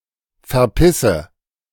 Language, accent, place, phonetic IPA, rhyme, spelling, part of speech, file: German, Germany, Berlin, [fɛɐ̯ˈpɪsə], -ɪsə, verpisse, verb, De-verpisse.ogg
- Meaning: inflection of verpissen: 1. first-person singular present 2. first/third-person singular subjunctive I 3. singular imperative